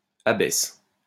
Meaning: abbess (female abbot)
- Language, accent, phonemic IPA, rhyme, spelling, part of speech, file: French, France, /a.bɛs/, -ɛs, abbesse, noun, LL-Q150 (fra)-abbesse.wav